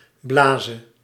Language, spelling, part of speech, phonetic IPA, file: Dutch, blaze, verb, [ˈblaːzə], Nl-blaze.ogg
- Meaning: singular present subjunctive of blazen